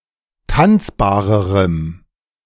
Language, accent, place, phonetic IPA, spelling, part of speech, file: German, Germany, Berlin, [ˈtant͡sbaːʁəʁəm], tanzbarerem, adjective, De-tanzbarerem.ogg
- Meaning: strong dative masculine/neuter singular comparative degree of tanzbar